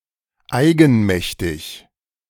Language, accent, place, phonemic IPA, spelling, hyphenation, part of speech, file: German, Germany, Berlin, /ˈaɪ̯ɡn̩ˌmɛçtɪç/, eigenmächtig, ei‧gen‧mäch‧tig, adjective, De-eigenmächtig.ogg
- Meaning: on one's own authority or initiative; unauthorized, arbitrary, high-handed, independent